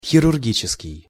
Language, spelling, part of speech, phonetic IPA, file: Russian, хирургический, adjective, [xʲɪrʊrˈɡʲit͡ɕɪskʲɪj], Ru-хирургический.ogg
- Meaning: surgical